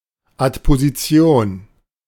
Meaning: adposition
- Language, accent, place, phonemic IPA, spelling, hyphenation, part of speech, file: German, Germany, Berlin, /atpoziˈt͡si̯oːn/, Adposition, Ad‧po‧si‧ti‧on, noun, De-Adposition.ogg